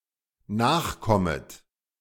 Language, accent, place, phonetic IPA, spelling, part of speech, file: German, Germany, Berlin, [ˈnaːxˌkɔmət], nachkommet, verb, De-nachkommet.ogg
- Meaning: second-person plural dependent subjunctive I of nachkommen